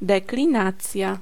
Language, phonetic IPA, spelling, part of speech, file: Polish, [ˌdɛklʲĩˈnat͡sʲja], deklinacja, noun, Pl-deklinacja.ogg